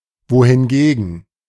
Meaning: whereas
- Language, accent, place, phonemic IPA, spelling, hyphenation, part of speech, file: German, Germany, Berlin, /voːhɪnˈɡeːɡən/, wohingegen, wo‧hin‧ge‧gen, conjunction, De-wohingegen.ogg